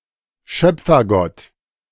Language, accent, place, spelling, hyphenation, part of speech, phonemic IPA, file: German, Germany, Berlin, Schöpfergott, Schöp‧fer‧gott, noun, /ˈʃœp͡fɐˌɡɔt/, De-Schöpfergott.ogg
- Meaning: creator god